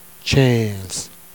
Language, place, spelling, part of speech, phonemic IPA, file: Jèrriais, Jersey, tchînze, numeral, /t͡ʃẽːz/, Jer-tchînze.ogg
- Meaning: fifteen